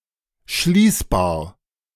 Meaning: closable, lockable
- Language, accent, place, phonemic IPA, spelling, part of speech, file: German, Germany, Berlin, /ˈʃliːsbaːɐ̯/, schließbar, adjective, De-schließbar.ogg